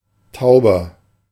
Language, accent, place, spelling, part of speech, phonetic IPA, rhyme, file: German, Germany, Berlin, tauber, adjective, [ˈtaʊ̯bɐ], -aʊ̯bɐ, De-tauber.ogg
- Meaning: inflection of taub: 1. strong/mixed nominative masculine singular 2. strong genitive/dative feminine singular 3. strong genitive plural